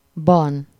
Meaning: 1. Inside a definable space. Question word: hol? (“where?”) 2. In a defined period of time. Question word: mikor? (“when?”) 3. In some situation or condition. Question word: hogyan? (“how?”)
- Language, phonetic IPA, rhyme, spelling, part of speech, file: Hungarian, [bɒn], -ɒn, -ban, suffix, Hu--ban.ogg